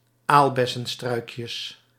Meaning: plural of aalbessenstruikje
- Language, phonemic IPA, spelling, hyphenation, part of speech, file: Dutch, /ˈalbɛsə(n)ˌstrœykjəs/, aalbessenstruikjes, aal‧bes‧sen‧struik‧jes, noun, Nl-aalbessenstruikjes.ogg